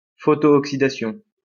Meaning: photooxidation
- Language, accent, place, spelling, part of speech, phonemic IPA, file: French, France, Lyon, photooxydation, noun, /fɔ.tɔ.ɔk.si.da.sjɔ̃/, LL-Q150 (fra)-photooxydation.wav